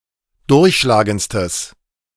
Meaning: strong/mixed nominative/accusative neuter singular superlative degree of durchschlagend
- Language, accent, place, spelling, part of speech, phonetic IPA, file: German, Germany, Berlin, durchschlagendstes, adjective, [ˈdʊʁçʃlaːɡənt͡stəs], De-durchschlagendstes.ogg